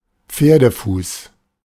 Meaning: 1. horse foot 2. where the shoe pinches, catch 3. equinus, a congenital foot deformity where the heel is raised
- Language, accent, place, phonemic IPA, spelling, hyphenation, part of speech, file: German, Germany, Berlin, /ˈp͡feːɐ̯dəˌfuːs/, Pferdefuß, Pfer‧de‧fuß, noun, De-Pferdefuß.ogg